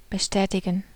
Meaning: to confirm, to corroborate
- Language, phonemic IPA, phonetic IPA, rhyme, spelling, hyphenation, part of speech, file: German, /bəˈʃtɛːtɪɡən/, [bəˈʃtɛːtɪɡŋ̍], -ɛːtɪɡən, bestätigen, be‧stä‧ti‧gen, verb, De-bestätigen.ogg